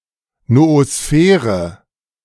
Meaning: noosphere
- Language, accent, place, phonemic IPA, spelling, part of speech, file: German, Germany, Berlin, /nooˈsfɛːʁə/, Noosphäre, noun, De-Noosphäre.ogg